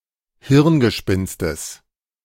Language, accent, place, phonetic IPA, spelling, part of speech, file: German, Germany, Berlin, [ˈhɪʁnɡəˌʃpɪnstəs], Hirngespinstes, noun, De-Hirngespinstes.ogg
- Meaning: genitive singular of Hirngespinst